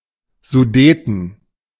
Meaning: Sudeten (mountain range)
- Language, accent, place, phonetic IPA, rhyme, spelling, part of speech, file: German, Germany, Berlin, [zuˈdeːtn̩], -eːtn̩, Sudeten, proper noun, De-Sudeten.ogg